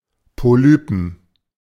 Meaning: 1. genitive singular of Polyp 2. plural of Polyp
- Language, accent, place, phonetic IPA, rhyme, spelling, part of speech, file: German, Germany, Berlin, [poˈlyːpn̩], -yːpn̩, Polypen, noun, De-Polypen.ogg